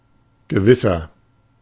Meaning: 1. comparative degree of gewiss 2. inflection of gewiss: strong/mixed nominative masculine singular 3. inflection of gewiss: strong genitive/dative feminine singular
- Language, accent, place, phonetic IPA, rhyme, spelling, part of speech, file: German, Germany, Berlin, [ɡəˈvɪsɐ], -ɪsɐ, gewisser, adjective, De-gewisser.ogg